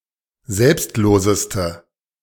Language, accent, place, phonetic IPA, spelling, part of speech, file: German, Germany, Berlin, [ˈzɛlpstˌloːzəstə], selbstloseste, adjective, De-selbstloseste.ogg
- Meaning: inflection of selbstlos: 1. strong/mixed nominative/accusative feminine singular superlative degree 2. strong nominative/accusative plural superlative degree